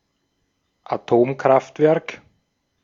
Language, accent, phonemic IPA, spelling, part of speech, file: German, Austria, /aˈtoːmˌkʁaftvɛʁk/, Atomkraftwerk, noun, De-at-Atomkraftwerk.ogg
- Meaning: nuclear power plant